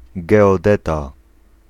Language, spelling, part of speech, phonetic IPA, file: Polish, geodeta, noun, [ˌɡɛɔˈdɛta], Pl-geodeta.ogg